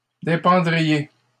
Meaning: second-person plural conditional of dépendre
- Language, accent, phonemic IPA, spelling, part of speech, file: French, Canada, /de.pɑ̃.dʁi.je/, dépendriez, verb, LL-Q150 (fra)-dépendriez.wav